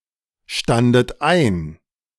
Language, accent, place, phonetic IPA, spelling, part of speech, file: German, Germany, Berlin, [ˌʃtandət ˈaɪ̯n], standet ein, verb, De-standet ein.ogg
- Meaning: second-person plural preterite of einstehen